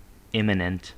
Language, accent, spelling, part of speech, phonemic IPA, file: English, US, immanent, adjective, /ˈɪmənənt/, En-us-immanent.ogg
- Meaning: 1. Naturally part of something; existing throughout and within something; intrinsic 2. Of something which has always already been